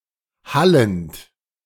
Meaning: present participle of hallen
- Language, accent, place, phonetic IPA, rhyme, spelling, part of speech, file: German, Germany, Berlin, [ˈhalənt], -alənt, hallend, verb, De-hallend.ogg